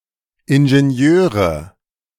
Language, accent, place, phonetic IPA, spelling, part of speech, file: German, Germany, Berlin, [ɪnʒeˈni̯øːʁə], Ingenieure, noun, De-Ingenieure.ogg
- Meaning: nominative/accusative/genitive plural of Ingenieur